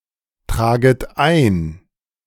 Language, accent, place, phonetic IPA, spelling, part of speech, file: German, Germany, Berlin, [ˌtʁaːɡət ˈaɪ̯n], traget ein, verb, De-traget ein.ogg
- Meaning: second-person plural subjunctive I of eintragen